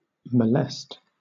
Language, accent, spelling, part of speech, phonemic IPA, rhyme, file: English, Southern England, molest, verb, /məˈlɛst/, -ɛst, LL-Q1860 (eng)-molest.wav
- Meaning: 1. To sexually assault or sexually harass 2. To annoy, trouble, or afflict 3. To disturb or tamper with